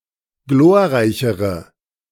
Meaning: inflection of glorreich: 1. strong/mixed nominative/accusative feminine singular comparative degree 2. strong nominative/accusative plural comparative degree
- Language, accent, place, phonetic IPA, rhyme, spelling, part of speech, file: German, Germany, Berlin, [ˈɡloːɐ̯ˌʁaɪ̯çəʁə], -oːɐ̯ʁaɪ̯çəʁə, glorreichere, adjective, De-glorreichere.ogg